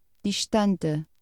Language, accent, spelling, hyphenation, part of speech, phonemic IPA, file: Portuguese, Portugal, distante, dis‧tan‧te, adjective / adverb, /diʃˈtɐ̃.tɨ/, Pt distante.ogg
- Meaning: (adjective) 1. distant; faraway 2. far-removed 3. very dissimilar 4. distant (emotionally unresponsive); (adverb) 1. far (distant in space) 2. away (used when specifying a distance)